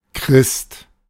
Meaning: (noun) a Christian; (proper noun) alternative form of Christus (“Christ”)
- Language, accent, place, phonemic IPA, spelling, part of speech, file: German, Germany, Berlin, /kʁɪst/, Christ, noun / proper noun, De-Christ.ogg